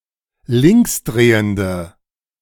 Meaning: inflection of linksdrehend: 1. strong/mixed nominative/accusative feminine singular 2. strong nominative/accusative plural 3. weak nominative all-gender singular
- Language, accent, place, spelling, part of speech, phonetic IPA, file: German, Germany, Berlin, linksdrehende, adjective, [ˈlɪŋksˌdʁeːəndə], De-linksdrehende.ogg